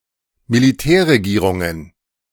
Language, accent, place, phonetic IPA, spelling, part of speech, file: German, Germany, Berlin, [miliˈtɛːɐ̯ʁeˌɡiːʁʊŋən], Militärregierungen, noun, De-Militärregierungen.ogg
- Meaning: plural of Militärregierung